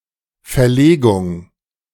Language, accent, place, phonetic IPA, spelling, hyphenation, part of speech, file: German, Germany, Berlin, [fɛɐ̯ˈleːɡʊŋ], Verlegung, Ver‧le‧gung, noun, De-Verlegung.ogg
- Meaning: 1. relocation, transfer 2. laying (of bricks, tiles etc) 3. postponement, adjournment